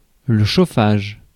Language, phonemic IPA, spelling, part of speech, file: French, /ʃo.faʒ/, chauffage, noun, Fr-chauffage.ogg
- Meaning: heating